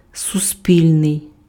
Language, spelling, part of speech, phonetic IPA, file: Ukrainian, суспільний, adjective, [sʊˈsʲpʲilʲnei̯], Uk-суспільний.ogg
- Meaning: social (relating to society)